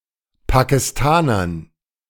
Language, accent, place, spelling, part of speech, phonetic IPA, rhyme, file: German, Germany, Berlin, Pakistanern, noun, [pakɪsˈtaːnɐn], -aːnɐn, De-Pakistanern.ogg
- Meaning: dative plural of Pakistaner